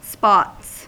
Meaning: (noun) plural of spot; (verb) third-person singular simple present indicative of spot
- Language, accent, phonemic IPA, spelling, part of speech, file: English, US, /spɑts/, spots, noun / verb, En-us-spots.ogg